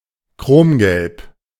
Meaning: chrome yellow
- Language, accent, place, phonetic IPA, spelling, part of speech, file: German, Germany, Berlin, [ˈkʁoːmˌɡɛlp], Chromgelb, noun, De-Chromgelb.ogg